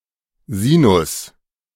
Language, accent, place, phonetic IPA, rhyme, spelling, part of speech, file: German, Germany, Berlin, [ˈziːnʊs], -iːnʊs, Sinus, noun, De-Sinus.ogg
- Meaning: 1. sine 2. sinus